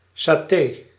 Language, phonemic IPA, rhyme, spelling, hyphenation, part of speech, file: Dutch, /saːˈteː/, -eː, saté, sa‧té, noun, Nl-saté.ogg
- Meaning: satay